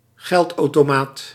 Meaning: automated teller machine (ATM)
- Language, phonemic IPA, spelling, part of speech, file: Dutch, /ˈɣɛltɑutoˌmat/, geldautomaat, noun, Nl-geldautomaat.ogg